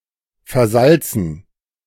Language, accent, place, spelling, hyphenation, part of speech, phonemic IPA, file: German, Germany, Berlin, versalzen, ver‧sal‧zen, verb / adjective, /fɛɐ̯ˈzalt͡sən/, De-versalzen.ogg
- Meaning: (verb) 1. to put too much salt in 2. to spoil 3. past participle of versalzen; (adjective) too salty